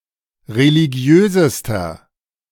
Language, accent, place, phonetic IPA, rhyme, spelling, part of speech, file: German, Germany, Berlin, [ʁeliˈɡi̯øːzəstɐ], -øːzəstɐ, religiösester, adjective, De-religiösester.ogg
- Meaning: inflection of religiös: 1. strong/mixed nominative masculine singular superlative degree 2. strong genitive/dative feminine singular superlative degree 3. strong genitive plural superlative degree